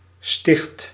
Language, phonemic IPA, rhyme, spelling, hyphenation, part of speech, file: Dutch, /stɪxt/, -ɪxt, sticht, sticht, noun / verb, Nl-sticht.ogg
- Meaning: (noun) 1. bishopric 2. monastery 3. building, edifice; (verb) inflection of stichten: 1. first/second/third-person singular present indicative 2. imperative